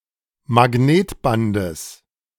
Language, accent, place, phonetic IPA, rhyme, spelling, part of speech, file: German, Germany, Berlin, [maˈɡneːtˌbandəs], -eːtbandəs, Magnetbandes, noun, De-Magnetbandes.ogg
- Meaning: genitive singular of Magnetband